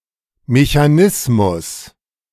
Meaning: mechanism
- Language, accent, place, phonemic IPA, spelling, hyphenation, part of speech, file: German, Germany, Berlin, /meçaˈnɪsmʊs/, Mechanismus, Me‧cha‧nis‧mus, noun, De-Mechanismus.ogg